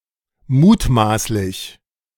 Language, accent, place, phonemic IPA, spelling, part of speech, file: German, Germany, Berlin, /ˈmuːtˌmaːslɪç/, mutmaßlich, adjective, De-mutmaßlich.ogg
- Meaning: alleged; suspected; presumed